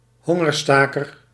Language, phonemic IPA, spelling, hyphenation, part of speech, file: Dutch, /ˈɦɔ.ŋərˌstaː.kər/, hongerstaker, hon‧ger‧sta‧ker, noun, Nl-hongerstaker.ogg
- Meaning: a hunger striker